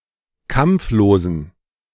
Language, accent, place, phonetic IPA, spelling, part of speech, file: German, Germany, Berlin, [ˈkamp͡floːzn̩], kampflosen, adjective, De-kampflosen.ogg
- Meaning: inflection of kampflos: 1. strong genitive masculine/neuter singular 2. weak/mixed genitive/dative all-gender singular 3. strong/weak/mixed accusative masculine singular 4. strong dative plural